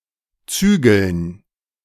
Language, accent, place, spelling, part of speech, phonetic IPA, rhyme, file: German, Germany, Berlin, Zügeln, noun, [ˈt͡syːɡl̩n], -yːɡl̩n, De-Zügeln.ogg
- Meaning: dative plural of Zügel